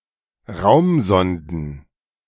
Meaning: plural of Raumsonde
- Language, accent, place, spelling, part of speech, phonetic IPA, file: German, Germany, Berlin, Raumsonden, noun, [ˈʁaʊ̯mˌzɔndn̩], De-Raumsonden.ogg